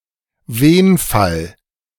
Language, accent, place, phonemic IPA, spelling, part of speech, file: German, Germany, Berlin, /ˈveːnfal/, Wenfall, noun, De-Wenfall.ogg
- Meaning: synonym of Akkusativ: accusative case